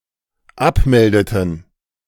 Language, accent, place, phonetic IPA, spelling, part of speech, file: German, Germany, Berlin, [ˈapˌmɛldətn̩], abmeldeten, verb, De-abmeldeten.ogg
- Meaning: inflection of abmelden: 1. first/third-person plural dependent preterite 2. first/third-person plural dependent subjunctive II